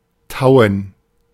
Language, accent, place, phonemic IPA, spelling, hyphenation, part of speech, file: German, Germany, Berlin, /ˈtaʊ̯ən/, tauen, tau‧en, verb, De-tauen.ogg
- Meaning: 1. to thaw; to melt 2. to dew; there to appear (dew)